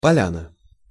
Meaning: 1. meadow, glade, clearing 2. a lavish, celebratory meal 3. felt, board
- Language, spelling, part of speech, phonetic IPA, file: Russian, поляна, noun, [pɐˈlʲanə], Ru-поляна.ogg